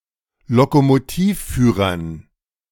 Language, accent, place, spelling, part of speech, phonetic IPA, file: German, Germany, Berlin, Lokomotivführern, noun, [lokomoˈtiːfˌfyːʁɐn], De-Lokomotivführern.ogg
- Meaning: dative plural of Lokomotivführer